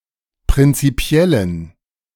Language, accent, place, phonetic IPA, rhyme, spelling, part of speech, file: German, Germany, Berlin, [pʁɪnt͡siˈpi̯ɛlən], -ɛlən, prinzipiellen, adjective, De-prinzipiellen.ogg
- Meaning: inflection of prinzipiell: 1. strong genitive masculine/neuter singular 2. weak/mixed genitive/dative all-gender singular 3. strong/weak/mixed accusative masculine singular 4. strong dative plural